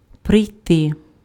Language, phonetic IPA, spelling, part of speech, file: Ukrainian, [prei̯ˈtɪ], прийти, verb, Uk-прийти.ogg
- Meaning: to arrive, to come (on foot)